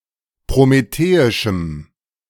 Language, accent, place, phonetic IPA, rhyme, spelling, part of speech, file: German, Germany, Berlin, [pʁomeˈteːɪʃm̩], -eːɪʃm̩, prometheischem, adjective, De-prometheischem.ogg
- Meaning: strong dative masculine/neuter singular of prometheisch